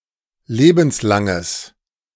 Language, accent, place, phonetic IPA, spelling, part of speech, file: German, Germany, Berlin, [ˈleːbn̩sˌlaŋəs], lebenslanges, adjective, De-lebenslanges.ogg
- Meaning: strong/mixed nominative/accusative neuter singular of lebenslang